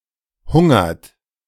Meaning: inflection of hungern: 1. third-person singular present 2. second-person plural present 3. plural imperative
- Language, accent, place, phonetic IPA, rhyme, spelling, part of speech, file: German, Germany, Berlin, [ˈhʊŋɐt], -ʊŋɐt, hungert, verb, De-hungert.ogg